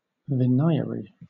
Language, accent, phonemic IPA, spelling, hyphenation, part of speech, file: English, Southern England, /vɪˈnʌɪ.ə.ɹiː/, venire, ve‧ni‧re, noun, LL-Q1860 (eng)-venire.wav
- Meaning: 1. A writ of venire facias 2. A group of persons summoned by a writ of venire facias to appear in court for jury selection